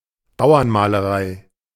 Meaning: folk art, rustic painting, rural painting, naive painting (a generic term for folk art wherein peasant motifs are applied to decorate furniture and other objects)
- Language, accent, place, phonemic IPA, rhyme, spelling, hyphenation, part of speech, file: German, Germany, Berlin, /ˈbaʊ̯ɐnˌmaːləˈʁaɪ̯/, -aɪ̯, Bauernmalerei, Bau‧ern‧ma‧le‧rei, noun, De-Bauernmalerei.ogg